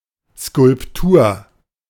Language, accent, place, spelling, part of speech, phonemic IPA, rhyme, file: German, Germany, Berlin, Skulptur, noun, /ˌskʊlpˈtuːɐ̯/, -uːɐ̯, De-Skulptur.ogg
- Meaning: sculpture (work of art)